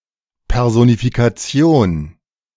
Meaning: personification
- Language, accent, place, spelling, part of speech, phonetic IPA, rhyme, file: German, Germany, Berlin, Personifikation, noun, [pɛʁˌzonifikaˈt͡si̯oːn], -oːn, De-Personifikation.ogg